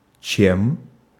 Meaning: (conjunction) 1. than 2. instead of, rather; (pronoun) instrumental of что (što)
- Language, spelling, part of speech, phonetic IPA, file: Russian, чем, conjunction / pronoun, [t͡ɕem], Ru-чем.ogg